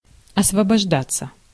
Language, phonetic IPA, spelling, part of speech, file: Russian, [ɐsvəbɐʐˈdat͡sːə], освобождаться, verb, Ru-освобождаться.ogg
- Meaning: 1. to get free, to break free, to free oneself (from), to get loose 2. to become empty; to become vacant 3. to become free, to get free time (e.g. after work) 4. passive of освобожда́ть (osvoboždátʹ)